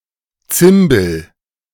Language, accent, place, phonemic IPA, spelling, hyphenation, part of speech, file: German, Germany, Berlin, /ˈt͡sɪmbl̩/, Zimbel, Zim‧bel, noun, De-Zimbel.ogg
- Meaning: cymbal